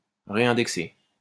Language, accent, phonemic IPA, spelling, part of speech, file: French, France, /ʁe.ɛ̃.dɛk.se/, réindexer, verb, LL-Q150 (fra)-réindexer.wav
- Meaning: to reindex